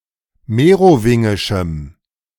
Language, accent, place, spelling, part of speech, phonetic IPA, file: German, Germany, Berlin, merowingischem, adjective, [ˈmeːʁoˌvɪŋɪʃm̩], De-merowingischem.ogg
- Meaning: strong dative masculine/neuter singular of merowingisch